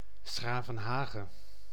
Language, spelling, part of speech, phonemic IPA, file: Dutch, 's-Gravenhage, proper noun, /ˈsxraːvə(n)ˌɦaːɣə/, Nl-'s-Gravenhage.ogg
- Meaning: synonym of Den Haag